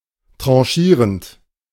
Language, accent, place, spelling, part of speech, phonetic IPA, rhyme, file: German, Germany, Berlin, tranchierend, verb, [ˌtʁɑ̃ˈʃiːʁənt], -iːʁənt, De-tranchierend.ogg
- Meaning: present participle of tranchieren